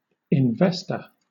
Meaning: A person who invests money in order to make a profit
- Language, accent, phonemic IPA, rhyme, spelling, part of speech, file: English, Southern England, /ɪnˈvɛs.tə(ɹ)/, -ɛstə(ɹ), investor, noun, LL-Q1860 (eng)-investor.wav